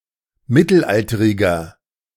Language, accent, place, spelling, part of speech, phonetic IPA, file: German, Germany, Berlin, mittelalteriger, adjective, [ˈmɪtl̩ˌʔaltəʁɪɡɐ], De-mittelalteriger.ogg
- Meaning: inflection of mittelalterig: 1. strong/mixed nominative masculine singular 2. strong genitive/dative feminine singular 3. strong genitive plural